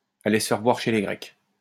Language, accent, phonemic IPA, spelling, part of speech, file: French, France, /a.le s(ə) fɛʁ vwaʁ ʃe le ɡʁɛk/, aller se faire voir chez les Grecs, verb, LL-Q150 (fra)-aller se faire voir chez les Grecs.wav
- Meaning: to get lost, go to hell